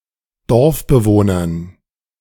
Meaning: dative plural of Dorfbewohner
- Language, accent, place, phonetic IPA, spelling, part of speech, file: German, Germany, Berlin, [ˈdɔʁfbəˌvoːnɐn], Dorfbewohnern, noun, De-Dorfbewohnern.ogg